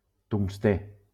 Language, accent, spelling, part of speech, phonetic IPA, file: Catalan, Valencia, tungstè, noun, [tuŋsˈte], LL-Q7026 (cat)-tungstè.wav
- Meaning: tungsten